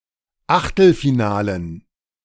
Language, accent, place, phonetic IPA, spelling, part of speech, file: German, Germany, Berlin, [ˈaxtl̩fiˌnaːlən], Achtelfinalen, noun, De-Achtelfinalen.ogg
- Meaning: dative plural of Achtelfinale